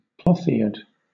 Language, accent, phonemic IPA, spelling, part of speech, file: English, Southern England, /ˌklɒθˈɪəd/, cloth-eared, adjective, LL-Q1860 (eng)-cloth-eared.wav
- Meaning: 1. Not hearing clearly 2. Failing to pay attention